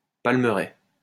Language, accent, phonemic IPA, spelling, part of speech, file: French, France, /pal.mə.ʁɛ/, palmeraie, noun, LL-Q150 (fra)-palmeraie.wav
- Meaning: palm grove